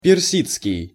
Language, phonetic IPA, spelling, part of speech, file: Russian, [pʲɪrˈsʲit͡skʲɪj], персидский, noun / adjective, Ru-персидский.ogg
- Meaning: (noun) Persian (language); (adjective) Persian